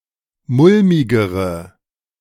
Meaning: inflection of mulmig: 1. strong/mixed nominative/accusative feminine singular comparative degree 2. strong nominative/accusative plural comparative degree
- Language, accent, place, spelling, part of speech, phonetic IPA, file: German, Germany, Berlin, mulmigere, adjective, [ˈmʊlmɪɡəʁə], De-mulmigere.ogg